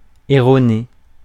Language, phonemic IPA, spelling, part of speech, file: French, /e.ʁɔ.ne/, erroné, adjective, Fr-erroné.ogg
- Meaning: wrong; erroneous